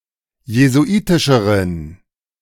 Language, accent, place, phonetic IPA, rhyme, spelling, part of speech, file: German, Germany, Berlin, [jezuˈʔiːtɪʃəʁən], -iːtɪʃəʁən, jesuitischeren, adjective, De-jesuitischeren.ogg
- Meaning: inflection of jesuitisch: 1. strong genitive masculine/neuter singular comparative degree 2. weak/mixed genitive/dative all-gender singular comparative degree